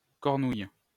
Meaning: the cornel (fruit), cornelian cherry
- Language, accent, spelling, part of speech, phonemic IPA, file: French, France, cornouille, noun, /kɔʁ.nuj/, LL-Q150 (fra)-cornouille.wav